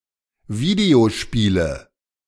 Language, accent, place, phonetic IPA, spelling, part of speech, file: German, Germany, Berlin, [ˈviːdeoˌʃpiːlə], Videospiele, noun, De-Videospiele.ogg
- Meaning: nominative/accusative/genitive plural of Videospiel